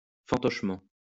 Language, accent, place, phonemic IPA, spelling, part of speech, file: French, France, Lyon, /fɑ̃.tɔʃ.mɑ̃/, fantochement, adverb, LL-Q150 (fra)-fantochement.wav
- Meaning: manipulatedly